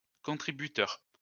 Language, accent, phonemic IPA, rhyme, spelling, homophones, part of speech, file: French, France, /kɔ̃.tʁi.by.tœʁ/, -œʁ, contributeur, contributeurs, noun, LL-Q150 (fra)-contributeur.wav
- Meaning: contributor